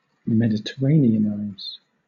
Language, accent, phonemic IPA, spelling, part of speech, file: English, Southern England, /mɛdɪtəˈɹeɪni.ənaɪz/, Mediterraneanize, verb, LL-Q1860 (eng)-Mediterraneanize.wav
- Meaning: To make (someone or something) Mediterranean in behaviour or style